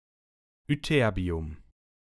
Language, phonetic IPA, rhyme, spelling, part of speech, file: German, [ʏˈtɛʁbi̯ʊm], -ɛʁbi̯ʊm, Ytterbium, noun, De-Ytterbium.ogg
- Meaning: ytterbium